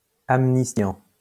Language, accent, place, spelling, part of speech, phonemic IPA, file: French, France, Lyon, amnistiant, verb, /am.nis.tjɑ̃/, LL-Q150 (fra)-amnistiant.wav
- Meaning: present participle of amnistier